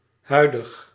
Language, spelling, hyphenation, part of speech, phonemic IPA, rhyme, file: Dutch, huidig, hui‧dig, adjective, /ˈɦœy̯.dəx/, -œy̯dəx, Nl-huidig.ogg
- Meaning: current, present